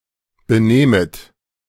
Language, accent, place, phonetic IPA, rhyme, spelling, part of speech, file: German, Germany, Berlin, [bəˈnɛːmət], -ɛːmət, benähmet, verb, De-benähmet.ogg
- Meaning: second-person plural subjunctive II of benehmen